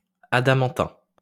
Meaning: adamantine
- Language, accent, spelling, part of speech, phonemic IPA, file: French, France, adamantin, adjective, /a.da.mɑ̃.tɛ̃/, LL-Q150 (fra)-adamantin.wav